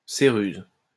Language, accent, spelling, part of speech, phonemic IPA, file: French, France, céruse, noun, /se.ʁyz/, LL-Q150 (fra)-céruse.wav
- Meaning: white lead, ceruse